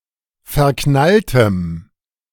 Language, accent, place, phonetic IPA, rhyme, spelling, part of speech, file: German, Germany, Berlin, [fɛɐ̯ˈknaltəm], -altəm, verknalltem, adjective, De-verknalltem.ogg
- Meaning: strong dative masculine/neuter singular of verknallt